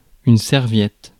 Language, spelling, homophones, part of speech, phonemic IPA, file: French, serviette, serviettes, noun, /sɛʁ.vjɛt/, Fr-serviette.ogg
- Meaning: 1. towel (cloth used for wiping) 2. napkin 3. briefcase 4. menstrual pad